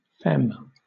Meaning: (noun) 1. A woman; a wife; (now chiefly Canada, US) a young woman or girl 2. A lesbian or other queer woman whose appearance, identity etc. is seen as feminine as opposed to butch
- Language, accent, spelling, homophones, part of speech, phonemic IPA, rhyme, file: English, Southern England, femme, fem, noun / adjective / verb, /fɛm/, -ɛm, LL-Q1860 (eng)-femme.wav